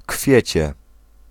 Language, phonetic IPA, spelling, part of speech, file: Polish, [ˈkfʲjɛ̇t͡ɕɛ], kwiecie, noun, Pl-kwiecie.ogg